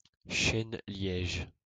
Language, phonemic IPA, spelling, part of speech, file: French, /ʃɛn.ljɛʒ/, chêne-liège, noun, LL-Q150 (fra)-chêne-liège.wav
- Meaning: cork oak